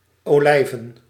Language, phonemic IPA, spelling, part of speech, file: Dutch, /oˈlɛivə(n)/, olijven, noun, Nl-olijven.ogg
- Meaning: plural of olijf